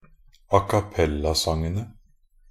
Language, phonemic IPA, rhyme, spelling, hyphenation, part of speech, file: Norwegian Bokmål, /akaˈpɛlːasaŋənə/, -ənə, acappellasangene, a‧cap‧pel‧la‧sang‧en‧e, noun, Nb-acappellasangene.ogg
- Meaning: definite plural of acappellasang